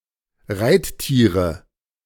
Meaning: nominative/accusative/genitive plural of Reittier
- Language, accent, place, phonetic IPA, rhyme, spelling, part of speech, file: German, Germany, Berlin, [ˈʁaɪ̯tˌtiːʁə], -aɪ̯ttiːʁə, Reittiere, noun, De-Reittiere.ogg